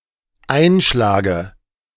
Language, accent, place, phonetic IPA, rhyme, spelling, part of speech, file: German, Germany, Berlin, [ˈaɪ̯nˌʃlaːɡə], -aɪ̯nʃlaːɡə, Einschlage, noun, De-Einschlage.ogg
- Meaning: dative singular of Einschlag